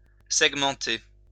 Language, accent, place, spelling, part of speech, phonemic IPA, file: French, France, Lyon, segmenter, verb, /sɛɡ.mɑ̃.te/, LL-Q150 (fra)-segmenter.wav
- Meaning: to segment